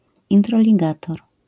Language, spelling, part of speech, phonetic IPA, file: Polish, introligator, noun, [ˌĩntrɔlʲiˈɡatɔr], LL-Q809 (pol)-introligator.wav